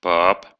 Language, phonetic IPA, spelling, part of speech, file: Russian, [pap], пап, noun, Ru-па́п.ogg
- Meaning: inflection of па́па (pápa): 1. genitive plural 2. animate accusative plural 3. vocative singular